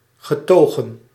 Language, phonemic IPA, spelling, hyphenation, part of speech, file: Dutch, /ɣəˈtoː.ɣə(n)/, getogen, ge‧to‧gen, adjective, Nl-getogen.ogg
- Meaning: brought up, grown up, raised